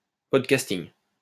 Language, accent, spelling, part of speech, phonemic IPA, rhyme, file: French, France, podcasting, noun, /pɔd.kas.tiŋ/, -iŋ, LL-Q150 (fra)-podcasting.wav
- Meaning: podcasting